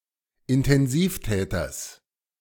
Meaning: genitive singular of Intensivtäter
- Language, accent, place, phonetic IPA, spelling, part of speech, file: German, Germany, Berlin, [ɪntɛnˈziːfˌtɛːtɐs], Intensivtäters, noun, De-Intensivtäters.ogg